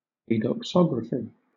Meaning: Fine writing on a minor or trivial subject
- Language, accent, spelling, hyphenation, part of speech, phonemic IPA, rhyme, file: English, Southern England, adoxography, adox‧og‧ra‧phy, noun, /eɪdɒkˈsɒɡɹəfi/, -ɒɡɹəfi, LL-Q1860 (eng)-adoxography.wav